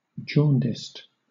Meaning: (adjective) 1. Affected with jaundice 2. Prejudiced; envious; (verb) simple past and past participle of jaundice
- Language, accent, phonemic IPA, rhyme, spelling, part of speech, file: English, Southern England, /ˈd͡ʒɔːndɪst/, -ɔːndɪst, jaundiced, adjective / verb, LL-Q1860 (eng)-jaundiced.wav